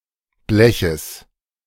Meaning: genitive singular of Blech
- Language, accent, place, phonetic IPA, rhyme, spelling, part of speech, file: German, Germany, Berlin, [ˈblɛçəs], -ɛçəs, Bleches, noun, De-Bleches.ogg